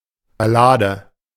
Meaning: ballad
- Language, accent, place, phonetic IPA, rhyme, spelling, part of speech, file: German, Germany, Berlin, [baˈlaːdə], -aːdə, Ballade, noun, De-Ballade.ogg